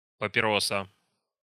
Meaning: papirosa (strong Russian cigarette made with dark tobacco, no filter)
- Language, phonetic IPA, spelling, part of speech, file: Russian, [pəpʲɪˈrosə], папироса, noun, Ru-папироса.ogg